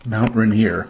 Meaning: A large active stratovolcano in the Cascade Range
- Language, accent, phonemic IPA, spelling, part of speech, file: English, US, /ˌmaʊnt ɹeɪˈniə(ɹ)/, Mount Rainier, proper noun, En-us-Mount Rainier.ogg